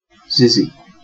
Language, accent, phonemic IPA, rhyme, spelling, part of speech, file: English, UK, /ˈzɪzi/, -ɪzi, xyzzy, noun, En-uk-xyzzy.ogg
- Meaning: Used as a placeholder word or metasyntactic variable